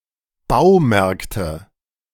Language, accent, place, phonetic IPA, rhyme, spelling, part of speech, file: German, Germany, Berlin, [ˈbaʊ̯ˌmɛʁktə], -aʊ̯mɛʁktə, Baumärkte, noun, De-Baumärkte.ogg
- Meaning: nominative/accusative/genitive plural of Baumarkt